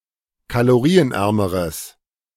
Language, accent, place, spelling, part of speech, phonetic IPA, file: German, Germany, Berlin, kalorienärmeres, adjective, [kaloˈʁiːənˌʔɛʁməʁəs], De-kalorienärmeres.ogg
- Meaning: strong/mixed nominative/accusative neuter singular comparative degree of kalorienarm